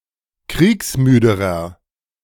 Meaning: inflection of kriegsmüde: 1. strong/mixed nominative masculine singular comparative degree 2. strong genitive/dative feminine singular comparative degree 3. strong genitive plural comparative degree
- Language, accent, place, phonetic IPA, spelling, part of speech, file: German, Germany, Berlin, [ˈkʁiːksˌmyːdəʁɐ], kriegsmüderer, adjective, De-kriegsmüderer.ogg